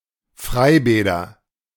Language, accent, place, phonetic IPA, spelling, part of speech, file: German, Germany, Berlin, [ˈfʁaɪ̯ˌbɛːdɐ], Freibäder, noun, De-Freibäder.ogg
- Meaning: nominative/accusative/genitive plural of Freibad